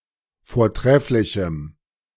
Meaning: strong dative masculine/neuter singular of vortrefflich
- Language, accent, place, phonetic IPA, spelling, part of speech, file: German, Germany, Berlin, [foːɐ̯ˈtʁɛflɪçm̩], vortrefflichem, adjective, De-vortrefflichem.ogg